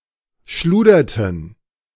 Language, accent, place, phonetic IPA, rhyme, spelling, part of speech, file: German, Germany, Berlin, [ˈʃluːdɐtn̩], -uːdɐtn̩, schluderten, verb, De-schluderten.ogg
- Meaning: inflection of schludern: 1. first/third-person plural preterite 2. first/third-person plural subjunctive II